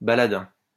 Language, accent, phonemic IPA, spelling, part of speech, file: French, France, /ba.la.dɛ̃/, baladin, noun, LL-Q150 (fra)-baladin.wav
- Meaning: 1. a wandering entertainer 2. a comedian, a person who behaves in a comical fashion to make others laugh